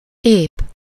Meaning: 1. intact, unharmed 2. sound, complete, solid, wholesome (marked by wholeness) 3. nondisabled, enabled
- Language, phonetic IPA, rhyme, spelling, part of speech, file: Hungarian, [ˈeːp], -eːp, ép, adjective, Hu-ép.ogg